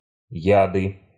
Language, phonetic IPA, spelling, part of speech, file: Russian, [ˈjadɨ], яды, noun, Ru-яды.ogg
- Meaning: nominative/accusative plural of яд (jad)